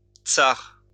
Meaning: archaic spelling of tsar
- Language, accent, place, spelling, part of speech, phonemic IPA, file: French, France, Lyon, czar, noun, /tsaʁ/, LL-Q150 (fra)-czar.wav